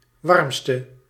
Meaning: inflection of warmst, the superlative degree of warm: 1. masculine/feminine singular attributive 2. definite neuter singular attributive 3. plural attributive
- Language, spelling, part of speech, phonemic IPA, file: Dutch, warmste, adjective, /ˈwɑrᵊmstə/, Nl-warmste.ogg